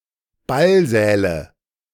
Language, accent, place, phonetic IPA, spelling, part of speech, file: German, Germany, Berlin, [ˈbalˌzɛːlə], Ballsäle, noun, De-Ballsäle.ogg
- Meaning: nominative/accusative/genitive plural of Ballsaal